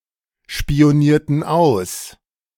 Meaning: inflection of ausspionieren: 1. first/third-person plural preterite 2. first/third-person plural subjunctive II
- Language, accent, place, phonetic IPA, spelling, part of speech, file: German, Germany, Berlin, [ʃpi̯oˌniːɐ̯tn̩ ˈaʊ̯s], spionierten aus, verb, De-spionierten aus.ogg